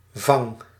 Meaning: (noun) the brake wheel of a windmill, a brake; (verb) inflection of vangen: 1. first-person singular present indicative 2. second-person singular present indicative 3. imperative
- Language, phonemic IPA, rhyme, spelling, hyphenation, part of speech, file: Dutch, /vɑŋ/, -ɑŋ, vang, vang, noun / verb, Nl-vang.ogg